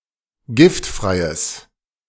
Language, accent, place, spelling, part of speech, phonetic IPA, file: German, Germany, Berlin, giftfreies, adjective, [ˈɡɪftˌfʁaɪ̯əs], De-giftfreies.ogg
- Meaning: strong/mixed nominative/accusative neuter singular of giftfrei